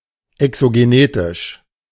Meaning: exogenetic
- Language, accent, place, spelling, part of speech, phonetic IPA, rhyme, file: German, Germany, Berlin, exogenetisch, adjective, [ɛksoɡeˈneːtɪʃ], -eːtɪʃ, De-exogenetisch.ogg